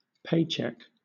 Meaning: A periodic payment, usually in the form of a paper check, received by an employee from an employer for work performed
- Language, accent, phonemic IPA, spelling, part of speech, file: English, Southern England, /ˈpeɪ.t͡ʃɛk/, paycheck, noun, LL-Q1860 (eng)-paycheck.wav